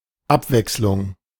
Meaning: 1. alternation 2. diversion, change
- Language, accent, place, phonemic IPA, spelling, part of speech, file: German, Germany, Berlin, /ˈapˌvɛks.lʊŋ/, Abwechslung, noun, De-Abwechslung.ogg